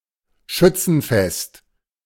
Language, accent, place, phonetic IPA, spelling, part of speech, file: German, Germany, Berlin, [ˈʃʏt͡sn̩ˌfɛst], Schützenfest, noun, De-Schützenfest.ogg
- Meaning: Schützenfest, a marksmen festival, a traditional festival or fair featuring a target shooting competition in the cultures of Germany, the Netherlands and Switzerland